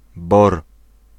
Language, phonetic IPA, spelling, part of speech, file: Polish, [bɔr], BOR, proper noun, Pl-BOR.ogg